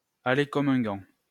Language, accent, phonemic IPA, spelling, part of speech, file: French, France, /a.le kɔm œ̃ ɡɑ̃/, aller comme un gant, verb, LL-Q150 (fra)-aller comme un gant.wav
- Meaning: 1. to fit like a glove 2. to go smoothly